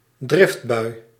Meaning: anger tantrum, fit of anger
- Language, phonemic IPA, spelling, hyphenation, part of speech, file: Dutch, /ˈdrɪft.bœy̯/, driftbui, drift‧bui, noun, Nl-driftbui.ogg